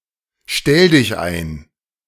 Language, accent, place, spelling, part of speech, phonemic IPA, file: German, Germany, Berlin, Stelldichein, noun, /ˈʃtɛldɪçˌaɪ̯n/, De-Stelldichein.ogg
- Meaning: tryst, rendezvous